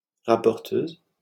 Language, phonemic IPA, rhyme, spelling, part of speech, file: French, /ʁa.pɔʁ.tøz/, -øz, rapporteuse, noun, LL-Q150 (fra)-rapporteuse.wav
- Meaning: female equivalent of rapporteur